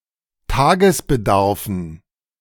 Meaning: dative plural of Tagesbedarf
- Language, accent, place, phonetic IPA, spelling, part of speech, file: German, Germany, Berlin, [ˈtaːɡəsbəˌdaʁfn̩], Tagesbedarfen, noun, De-Tagesbedarfen.ogg